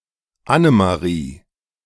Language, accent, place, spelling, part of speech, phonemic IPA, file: German, Germany, Berlin, Annemarie, proper noun, /ˈʔanəmaˌʁiː/, De-Annemarie.ogg
- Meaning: a female given name, blend of Anne and Marie